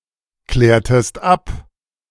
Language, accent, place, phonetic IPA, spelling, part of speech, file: German, Germany, Berlin, [ˌklɛːɐ̯təst ˈap], klärtest ab, verb, De-klärtest ab.ogg
- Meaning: inflection of abklären: 1. second-person singular preterite 2. second-person singular subjunctive II